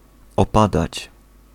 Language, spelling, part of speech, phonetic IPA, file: Polish, opadać, verb, [ɔˈpadat͡ɕ], Pl-opadać.ogg